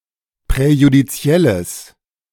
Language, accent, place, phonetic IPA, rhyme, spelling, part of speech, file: German, Germany, Berlin, [pʁɛjudiˈt͡si̯ɛləs], -ɛləs, präjudizielles, adjective, De-präjudizielles.ogg
- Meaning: strong/mixed nominative/accusative neuter singular of präjudiziell